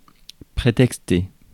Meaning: to give as an excuse
- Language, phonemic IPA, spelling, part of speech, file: French, /pʁe.tɛk.ste/, prétexter, verb, Fr-prétexter.ogg